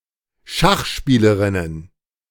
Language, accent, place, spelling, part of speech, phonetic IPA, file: German, Germany, Berlin, Schachspielerinnen, noun, [ˈʃaxˌʃpiːləʁɪnən], De-Schachspielerinnen.ogg
- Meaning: plural of Schachspielerin